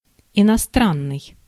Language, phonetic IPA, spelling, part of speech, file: Russian, [ɪnɐˈstranːɨj], иностранный, adjective, Ru-иностранный.ogg
- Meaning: foreign